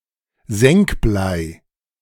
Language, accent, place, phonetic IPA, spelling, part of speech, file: German, Germany, Berlin, [ˈzɛŋkˌblaɪ̯], Senkblei, noun, De-Senkblei.ogg
- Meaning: a mass of lead on a string used by masons to build straight walls